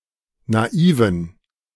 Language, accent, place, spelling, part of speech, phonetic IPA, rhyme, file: German, Germany, Berlin, naiven, adjective, [naˈiːvn̩], -iːvn̩, De-naiven.ogg
- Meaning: inflection of naiv: 1. strong genitive masculine/neuter singular 2. weak/mixed genitive/dative all-gender singular 3. strong/weak/mixed accusative masculine singular 4. strong dative plural